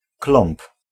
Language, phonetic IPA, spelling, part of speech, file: Polish, [klɔ̃mp], klomb, noun, Pl-klomb.ogg